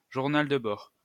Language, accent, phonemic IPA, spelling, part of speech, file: French, France, /ʒuʁ.nal də bɔʁ/, journal de bord, noun, LL-Q150 (fra)-journal de bord.wav
- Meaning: logbook